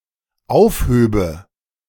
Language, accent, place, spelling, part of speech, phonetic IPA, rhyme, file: German, Germany, Berlin, aufhöbe, verb, [ˈaʊ̯fˌhøːbə], -aʊ̯fhøːbə, De-aufhöbe.ogg
- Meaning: first/third-person singular dependent subjunctive II of aufheben